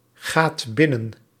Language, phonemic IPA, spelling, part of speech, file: Dutch, /ˈɣat ˈbɪnən/, gaat binnen, verb, Nl-gaat binnen.ogg
- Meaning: inflection of binnengaan: 1. second/third-person singular present indicative 2. plural imperative